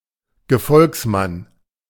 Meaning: liegeman, acolyte, follower, henchman, satellite (male or of unspecified gender)
- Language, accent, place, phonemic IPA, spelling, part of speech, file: German, Germany, Berlin, /ɡəˈfɔlksˌman/, Gefolgsmann, noun, De-Gefolgsmann.ogg